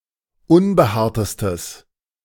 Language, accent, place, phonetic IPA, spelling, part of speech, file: German, Germany, Berlin, [ˈʊnbəˌhaːɐ̯təstəs], unbehaartestes, adjective, De-unbehaartestes.ogg
- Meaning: strong/mixed nominative/accusative neuter singular superlative degree of unbehaart